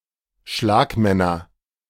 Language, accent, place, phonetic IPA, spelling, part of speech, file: German, Germany, Berlin, [ˈʃlaːkˌmɛnɐ], Schlagmänner, noun, De-Schlagmänner.ogg
- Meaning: nominative/accusative/genitive plural of Schlagmann